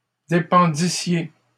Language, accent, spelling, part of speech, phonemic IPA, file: French, Canada, dépendissiez, verb, /de.pɑ̃.di.sje/, LL-Q150 (fra)-dépendissiez.wav
- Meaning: second-person plural imperfect subjunctive of dépendre